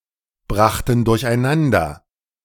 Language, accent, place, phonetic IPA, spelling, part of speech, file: German, Germany, Berlin, [ˌbʁaxtn̩ dʊʁçʔaɪ̯ˈnandɐ], brachten durcheinander, verb, De-brachten durcheinander.ogg
- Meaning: first/third-person plural preterite of durcheinanderbringen